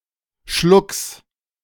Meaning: genitive singular of Schluck
- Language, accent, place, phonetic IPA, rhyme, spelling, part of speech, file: German, Germany, Berlin, [ʃlʊks], -ʊks, Schlucks, noun, De-Schlucks.ogg